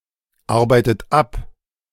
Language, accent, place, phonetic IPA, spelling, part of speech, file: German, Germany, Berlin, [ˌaʁbaɪ̯tət ˈap], arbeitet ab, verb, De-arbeitet ab.ogg
- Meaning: inflection of abarbeiten: 1. third-person singular present 2. second-person plural present 3. second-person plural subjunctive I 4. plural imperative